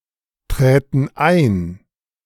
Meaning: first/third-person plural subjunctive II of eintreten
- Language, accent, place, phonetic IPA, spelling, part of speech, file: German, Germany, Berlin, [ˌtʁɛːtn̩ ˈaɪ̯n], träten ein, verb, De-träten ein.ogg